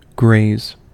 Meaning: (noun) 1. The act of grazing; a scratching or injuring lightly on passing 2. A light abrasion; a slight scratch 3. The act of animals feeding from pasture
- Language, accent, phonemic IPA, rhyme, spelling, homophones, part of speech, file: English, US, /ɡɹeɪz/, -eɪz, graze, grays / greys, noun / verb, En-us-graze.ogg